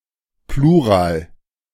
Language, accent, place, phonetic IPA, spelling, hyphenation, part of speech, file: German, Germany, Berlin, [ˈpluːʁaːl], Plural, Plu‧ral, noun, De-Plural.ogg
- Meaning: plural